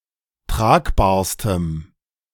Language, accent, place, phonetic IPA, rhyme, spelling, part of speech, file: German, Germany, Berlin, [ˈtʁaːkbaːɐ̯stəm], -aːkbaːɐ̯stəm, tragbarstem, adjective, De-tragbarstem.ogg
- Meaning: strong dative masculine/neuter singular superlative degree of tragbar